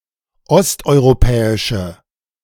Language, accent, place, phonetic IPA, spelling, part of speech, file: German, Germany, Berlin, [ˈɔstʔɔɪ̯ʁoˌpɛːɪʃə], osteuropäische, adjective, De-osteuropäische.ogg
- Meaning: inflection of osteuropäisch: 1. strong/mixed nominative/accusative feminine singular 2. strong nominative/accusative plural 3. weak nominative all-gender singular